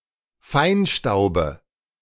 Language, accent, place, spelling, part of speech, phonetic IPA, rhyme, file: German, Germany, Berlin, Feinstaube, noun, [ˈfaɪ̯nˌʃtaʊ̯bə], -aɪ̯nʃtaʊ̯bə, De-Feinstaube.ogg
- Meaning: dative singular of Feinstaub